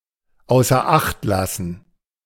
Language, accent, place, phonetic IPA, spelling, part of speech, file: German, Germany, Berlin, [aʊ̯sɐ ˈaxt ˌlasn̩], außer Acht lassen, phrase, De-außer Acht lassen.ogg
- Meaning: to not take into account, to disregard